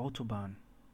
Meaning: motorway (Britain, Ireland, New Zealand), freeway (Australia, Canada, US), highway (parts of the US), expressway (parts of Canada, parts of the US), controlled-access highway
- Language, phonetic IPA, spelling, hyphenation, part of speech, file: German, [ˈʔaʊ̯toˌbaːn], Autobahn, Au‧to‧bahn, noun, De-Autobahn.ogg